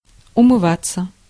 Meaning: 1. to wash up (wash one's hands and face) 2. passive of умыва́ть (umyvátʹ)
- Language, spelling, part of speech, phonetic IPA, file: Russian, умываться, verb, [ʊmɨˈvat͡sːə], Ru-умываться.ogg